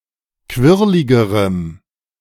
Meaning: strong dative masculine/neuter singular comparative degree of quirlig
- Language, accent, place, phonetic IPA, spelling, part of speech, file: German, Germany, Berlin, [ˈkvɪʁlɪɡəʁəm], quirligerem, adjective, De-quirligerem.ogg